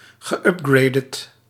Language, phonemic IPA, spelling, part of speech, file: Dutch, /ɣəˈʏp.ɡrɛi̯t/, geüpgraded, verb, Nl-geüpgraded.ogg
- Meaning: past participle of upgraden